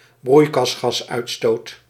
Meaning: greenhouse gas emissions
- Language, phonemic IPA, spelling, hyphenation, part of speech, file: Dutch, /ˈbrui̯.kɑs.xɑsˌœy̯t.stoːt/, broeikasgasuitstoot, broei‧kas‧gas‧uit‧stoot, noun, Nl-broeikasgasuitstoot.ogg